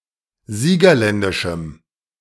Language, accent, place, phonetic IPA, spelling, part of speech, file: German, Germany, Berlin, [ˈziːɡɐˌlɛndɪʃm̩], siegerländischem, adjective, De-siegerländischem.ogg
- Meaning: strong dative masculine/neuter singular of siegerländisch